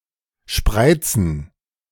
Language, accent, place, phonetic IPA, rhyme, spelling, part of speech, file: German, Germany, Berlin, [ˈʃpʁaɪ̯t͡sn̩], -aɪ̯t͡sn̩, spreizen, verb, De-spreizen.ogg
- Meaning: 1. to straddle 2. to spread (legs) 3. to cleave